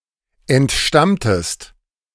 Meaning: inflection of entstammen: 1. second-person singular preterite 2. second-person singular subjunctive II
- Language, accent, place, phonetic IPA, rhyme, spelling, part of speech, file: German, Germany, Berlin, [ɛntˈʃtamtəst], -amtəst, entstammtest, verb, De-entstammtest.ogg